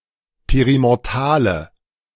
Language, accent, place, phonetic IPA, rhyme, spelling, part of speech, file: German, Germany, Berlin, [ˌpeʁimɔʁˈtaːlə], -aːlə, perimortale, adjective, De-perimortale.ogg
- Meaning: inflection of perimortal: 1. strong/mixed nominative/accusative feminine singular 2. strong nominative/accusative plural 3. weak nominative all-gender singular